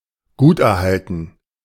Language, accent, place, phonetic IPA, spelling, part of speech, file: German, Germany, Berlin, [ˈɡuːtʔɛɐ̯ˌhaltn̩], guterhalten, adjective, De-guterhalten.ogg
- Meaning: well-preserved